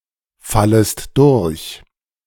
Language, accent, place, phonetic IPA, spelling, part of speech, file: German, Germany, Berlin, [ˌfaləst ˈdʊʁç], fallest durch, verb, De-fallest durch.ogg
- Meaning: second-person singular subjunctive I of durchfallen